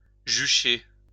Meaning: 1. to perch 2. to perch (oneself), to be perched
- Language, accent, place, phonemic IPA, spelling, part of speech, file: French, France, Lyon, /ʒy.ʃe/, jucher, verb, LL-Q150 (fra)-jucher.wav